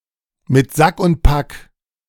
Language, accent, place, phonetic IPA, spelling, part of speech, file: German, Germany, Berlin, [mɪt ˈzak ʊnt ˈpak], mit Sack und Pack, phrase, De-mit Sack und Pack.ogg
- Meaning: with all one's belongings, bag and baggage